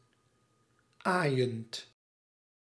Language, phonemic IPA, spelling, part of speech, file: Dutch, /ˈajənt/, aaiend, verb, Nl-aaiend.ogg
- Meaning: present participle of aaien